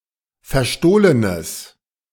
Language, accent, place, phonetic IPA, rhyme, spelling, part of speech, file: German, Germany, Berlin, [fɛɐ̯ˈʃtoːlənəs], -oːlənəs, verstohlenes, adjective, De-verstohlenes.ogg
- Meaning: strong/mixed nominative/accusative neuter singular of verstohlen